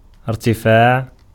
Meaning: 1. verbal noun of اِرْتَفَعَ (irtafaʕa) (form VIII) 2. being or becoming high in stature or station 3. altitude (of a star, etc) 4. height (of a terrestrial object) 5. increase
- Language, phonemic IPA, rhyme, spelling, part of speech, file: Arabic, /ir.ti.faːʕ/, -aːʕ, ارتفاع, noun, Ar-ارتفاع.ogg